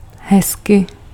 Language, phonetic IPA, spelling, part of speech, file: Czech, [ˈɦɛskɪ], hezky, adverb / interjection, Cs-hezky.ogg
- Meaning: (adverb) nicely; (interjection) nice